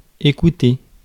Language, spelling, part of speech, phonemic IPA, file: French, écouter, verb, /e.ku.te/, Fr-écouter.ogg
- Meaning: 1. to listen 2. to listen to 3. to watch (a film or television)